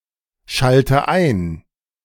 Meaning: inflection of einschalten: 1. first-person singular present 2. first/third-person singular subjunctive I 3. singular imperative
- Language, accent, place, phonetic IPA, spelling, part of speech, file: German, Germany, Berlin, [ˌʃaltə ˈaɪ̯n], schalte ein, verb, De-schalte ein.ogg